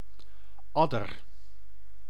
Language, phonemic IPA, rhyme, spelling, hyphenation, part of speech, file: Dutch, /ˈɑ.dər/, -ɑdər, adder, ad‧der, noun, Nl-adder.ogg
- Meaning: 1. viper, adder (snake of the family Viperidae) 2. common viper (Vipera berus)